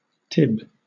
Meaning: 1. A tibia 2. A working-class woman 3. A prostitute 4. A young girl, a sweetheart
- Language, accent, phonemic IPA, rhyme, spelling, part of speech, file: English, Southern England, /tɪb/, -ɪb, tib, noun, LL-Q1860 (eng)-tib.wav